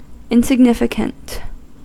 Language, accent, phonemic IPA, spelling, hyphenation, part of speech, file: English, US, /ˌɪnsɪɡˈnɪfɪkənt/, insignificant, in‧sig‧nif‧i‧cant, adjective / noun, En-us-insignificant.ogg
- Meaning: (adjective) 1. Not significant; not important, inconsequential, or having no noticeable effect 2. Without meaning; not signifying anything; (noun) Someone or something that is insignificant